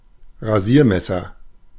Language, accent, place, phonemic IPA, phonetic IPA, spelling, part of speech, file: German, Germany, Berlin, /ʁaˈziːʁˌmɛsəʁ/, [ʁaˈzi(ː)ɐ̯ˌmɛ.sɐ], Rasiermesser, noun, De-Rasiermesser.ogg
- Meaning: a razor in the form of a knife, straight razor